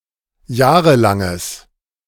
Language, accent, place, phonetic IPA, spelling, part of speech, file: German, Germany, Berlin, [ˈjaːʁəlaŋəs], jahrelanges, adjective, De-jahrelanges.ogg
- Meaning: strong/mixed nominative/accusative neuter singular of jahrelang